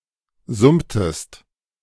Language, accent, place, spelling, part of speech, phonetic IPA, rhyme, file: German, Germany, Berlin, summtest, verb, [ˈzʊmtəst], -ʊmtəst, De-summtest.ogg
- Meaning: inflection of summen: 1. second-person singular preterite 2. second-person singular subjunctive II